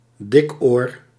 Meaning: mumps
- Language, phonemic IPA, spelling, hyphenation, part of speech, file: Dutch, /ˈdɪk.oːr/, dikoor, dik‧oor, noun, Nl-dikoor.ogg